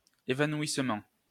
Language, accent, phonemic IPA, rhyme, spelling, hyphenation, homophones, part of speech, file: French, France, /e.va.nwis.mɑ̃/, -ɑ̃, évanouissement, é‧va‧noui‧sse‧ment, évanouissements, noun, LL-Q150 (fra)-évanouissement.wav
- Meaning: fainting